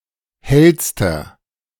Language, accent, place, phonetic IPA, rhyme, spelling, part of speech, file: German, Germany, Berlin, [ˈhɛlstɐ], -ɛlstɐ, hellster, adjective, De-hellster.ogg
- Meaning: inflection of hell: 1. strong/mixed nominative masculine singular superlative degree 2. strong genitive/dative feminine singular superlative degree 3. strong genitive plural superlative degree